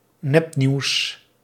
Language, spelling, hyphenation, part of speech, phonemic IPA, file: Dutch, nepnieuws, nep‧nieuws, noun, /ˈnɛp.niu̯s/, Nl-nepnieuws.ogg
- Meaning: fake news, especially misleading items posted and spread on social media to manipulate others towards a particular political point of view or for financial benefit